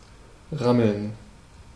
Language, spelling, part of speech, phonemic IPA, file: German, rammeln, verb, /ˈʁaml̩n/, De-rammeln.ogg
- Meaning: 1. to copulate, to mate (of animals, especially lagomorphs) 2. to tussle, to scuffle 3. to bump into, to collide with 4. to shake, to jolt